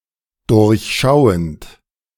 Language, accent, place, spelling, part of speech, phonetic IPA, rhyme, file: German, Germany, Berlin, durchschauend, verb, [ˌdʊʁçˈʃaʊ̯ənt], -aʊ̯ənt, De-durchschauend.ogg
- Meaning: present participle of durchschauen